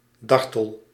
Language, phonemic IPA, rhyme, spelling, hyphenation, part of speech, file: Dutch, /ˈdɑr.təl/, -ɑrtəl, dartel, dar‧tel, adjective / verb, Nl-dartel.ogg
- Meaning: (adjective) frisky, frolic, playful, gamesome; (verb) inflection of dartelen: 1. first-person singular present indicative 2. second-person singular present indicative 3. imperative